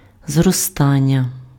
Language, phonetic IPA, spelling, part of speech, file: Ukrainian, [zrɔˈstanʲːɐ], зростання, noun, Uk-зростання.ogg
- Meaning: verbal noun of зроста́ти impf (zrostáty): 1. growth 2. increase, rise 3. development